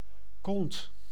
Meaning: 1. butt, bum, arse 2. a cunt (an extremely unpleasant or objectionable person) 3. cunt, female genitalia
- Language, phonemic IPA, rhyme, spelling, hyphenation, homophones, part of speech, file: Dutch, /kɔnt/, -ɔnt, kont, kont, kond, noun, Nl-kont.ogg